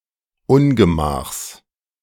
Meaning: genitive singular of Ungemach
- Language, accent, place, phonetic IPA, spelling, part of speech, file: German, Germany, Berlin, [ˈʊnɡəˌmaːxs], Ungemachs, noun, De-Ungemachs.ogg